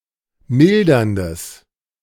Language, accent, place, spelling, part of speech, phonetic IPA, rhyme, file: German, Germany, Berlin, milderndes, adjective, [ˈmɪldɐndəs], -ɪldɐndəs, De-milderndes.ogg
- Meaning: strong/mixed nominative/accusative neuter singular of mildernd